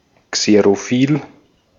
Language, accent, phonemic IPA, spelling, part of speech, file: German, Austria, /kseʁoˈfiːl/, xerophil, adjective, De-at-xerophil.ogg
- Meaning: xerophilic, xerophilous